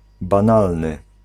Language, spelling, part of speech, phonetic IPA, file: Polish, banalny, adjective, [bãˈnalnɨ], Pl-banalny.ogg